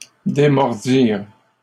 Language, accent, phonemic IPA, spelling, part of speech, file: French, Canada, /de.mɔʁ.diʁ/, démordirent, verb, LL-Q150 (fra)-démordirent.wav
- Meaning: third-person plural past historic of démordre